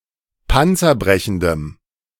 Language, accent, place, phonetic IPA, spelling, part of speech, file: German, Germany, Berlin, [ˈpant͡sɐˌbʁɛçn̩dəm], panzerbrechendem, adjective, De-panzerbrechendem.ogg
- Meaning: strong dative masculine/neuter singular of panzerbrechend